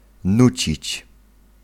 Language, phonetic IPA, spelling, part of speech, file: Polish, [ˈnut͡ɕit͡ɕ], nucić, verb, Pl-nucić.ogg